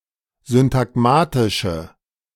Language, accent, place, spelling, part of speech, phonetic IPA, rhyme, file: German, Germany, Berlin, syntagmatische, adjective, [zʏntaˈɡmaːtɪʃə], -aːtɪʃə, De-syntagmatische.ogg
- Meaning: inflection of syntagmatisch: 1. strong/mixed nominative/accusative feminine singular 2. strong nominative/accusative plural 3. weak nominative all-gender singular